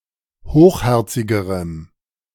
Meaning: strong dative masculine/neuter singular comparative degree of hochherzig
- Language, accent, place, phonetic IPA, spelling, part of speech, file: German, Germany, Berlin, [ˈhoːxˌhɛʁt͡sɪɡəʁəm], hochherzigerem, adjective, De-hochherzigerem.ogg